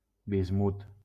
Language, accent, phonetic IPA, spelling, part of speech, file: Catalan, Valencia, [bizˈmut], bismut, noun, LL-Q7026 (cat)-bismut.wav
- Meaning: bismuth